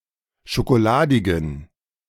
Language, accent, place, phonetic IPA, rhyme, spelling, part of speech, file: German, Germany, Berlin, [ʃokoˈlaːdɪɡn̩], -aːdɪɡn̩, schokoladigen, adjective, De-schokoladigen.ogg
- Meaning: inflection of schokoladig: 1. strong genitive masculine/neuter singular 2. weak/mixed genitive/dative all-gender singular 3. strong/weak/mixed accusative masculine singular 4. strong dative plural